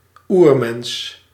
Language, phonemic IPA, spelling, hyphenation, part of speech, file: Dutch, /ˈur.mɛns/, oermens, oer‧mens, noun, Nl-oermens.ogg
- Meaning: 1. a prehistoric human, especially an apeman 2. a primitive human, considered uncivilised